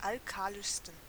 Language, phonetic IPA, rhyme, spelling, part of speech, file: German, [alˈkaːlɪʃstn̩], -aːlɪʃstn̩, alkalischsten, adjective, De-alkalischsten.ogg
- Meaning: 1. superlative degree of alkalisch 2. inflection of alkalisch: strong genitive masculine/neuter singular superlative degree